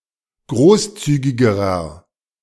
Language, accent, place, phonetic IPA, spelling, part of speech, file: German, Germany, Berlin, [ˈɡʁoːsˌt͡syːɡɪɡəʁɐ], großzügigerer, adjective, De-großzügigerer.ogg
- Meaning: inflection of großzügig: 1. strong/mixed nominative masculine singular comparative degree 2. strong genitive/dative feminine singular comparative degree 3. strong genitive plural comparative degree